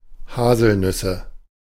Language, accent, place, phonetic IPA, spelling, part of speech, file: German, Germany, Berlin, [ˈhaːzl̩ˌnʏsə], Haselnüsse, noun, De-Haselnüsse.ogg
- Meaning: nominative/accusative/genitive plural of Haselnuss